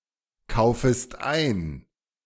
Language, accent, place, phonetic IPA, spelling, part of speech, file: German, Germany, Berlin, [ˌkaʊ̯fəst ˈaɪ̯n], kaufest ein, verb, De-kaufest ein.ogg
- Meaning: second-person singular subjunctive I of einkaufen